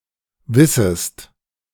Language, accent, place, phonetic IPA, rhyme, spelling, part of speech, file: German, Germany, Berlin, [ˈvɪsəst], -ɪsəst, wissest, verb, De-wissest.ogg
- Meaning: second-person singular subjunctive I of wissen